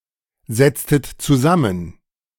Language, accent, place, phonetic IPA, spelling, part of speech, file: German, Germany, Berlin, [ˌzɛt͡stət t͡suˈzamən], setztet zusammen, verb, De-setztet zusammen.ogg
- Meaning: inflection of zusammensetzen: 1. second-person plural preterite 2. second-person plural subjunctive II